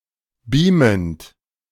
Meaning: present participle of beamen
- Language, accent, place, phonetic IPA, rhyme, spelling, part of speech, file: German, Germany, Berlin, [ˈbiːmənt], -iːmənt, beamend, verb, De-beamend.ogg